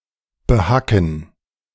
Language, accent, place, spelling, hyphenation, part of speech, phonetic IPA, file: German, Germany, Berlin, behacken, be‧ha‧cken, verb, [bəˈhakn̩], De-behacken.ogg
- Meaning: 1. to hoe 2. to chop, hack 3. to cheat, swindle